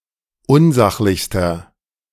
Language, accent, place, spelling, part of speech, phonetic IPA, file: German, Germany, Berlin, unsachlichster, adjective, [ˈʊnˌzaxlɪçstɐ], De-unsachlichster.ogg
- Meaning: inflection of unsachlich: 1. strong/mixed nominative masculine singular superlative degree 2. strong genitive/dative feminine singular superlative degree 3. strong genitive plural superlative degree